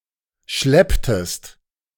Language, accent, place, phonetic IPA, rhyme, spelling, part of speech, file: German, Germany, Berlin, [ˈʃlɛptəst], -ɛptəst, schlepptest, verb, De-schlepptest.ogg
- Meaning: inflection of schleppen: 1. second-person singular preterite 2. second-person singular subjunctive II